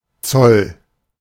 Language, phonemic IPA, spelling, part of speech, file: German, /t͡sɔl/, Zoll, noun, De-Zoll.ogg
- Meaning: 1. custom (duty collected at the borders) 2. customs (authority collecting that duty) 3. toll (sacrifice or victims associated with a decision or condition)